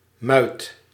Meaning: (noun) mew (bird cage for moulting birds); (verb) inflection of muiten: 1. first/second/third-person singular present indicative 2. imperative
- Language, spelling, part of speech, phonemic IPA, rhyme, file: Dutch, muit, noun / verb, /mœy̯t/, -œy̯t, Nl-muit.ogg